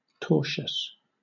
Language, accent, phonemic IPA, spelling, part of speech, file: English, Southern England, /ˈtɔːʃəs/, tortious, adjective, LL-Q1860 (eng)-tortious.wav
- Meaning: 1. Wrongful; harmful 2. Of, pertaining to, or characteristic of torts 3. Misspelling of tortuous